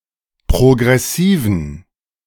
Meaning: inflection of progressiv: 1. strong genitive masculine/neuter singular 2. weak/mixed genitive/dative all-gender singular 3. strong/weak/mixed accusative masculine singular 4. strong dative plural
- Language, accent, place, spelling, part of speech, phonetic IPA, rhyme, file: German, Germany, Berlin, progressiven, adjective, [pʁoɡʁɛˈsiːvn̩], -iːvn̩, De-progressiven.ogg